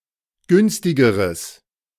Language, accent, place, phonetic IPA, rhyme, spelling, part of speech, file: German, Germany, Berlin, [ˈɡʏnstɪɡəʁəs], -ʏnstɪɡəʁəs, günstigeres, adjective, De-günstigeres.ogg
- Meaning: strong/mixed nominative/accusative neuter singular comparative degree of günstig